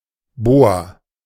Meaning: boa
- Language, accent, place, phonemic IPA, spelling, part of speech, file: German, Germany, Berlin, /ˈboːa/, Boa, noun, De-Boa.ogg